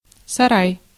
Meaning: 1. shed, storage building (small wooden construction) 2. uncomfortable, untidy room, pigsty 3. palace
- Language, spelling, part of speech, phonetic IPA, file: Russian, сарай, noun, [sɐˈraj], Ru-сарай.ogg